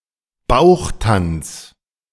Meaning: belly dance
- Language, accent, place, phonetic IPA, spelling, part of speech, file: German, Germany, Berlin, [ˈbaʊ̯xˌtant͡s], Bauchtanz, noun, De-Bauchtanz.ogg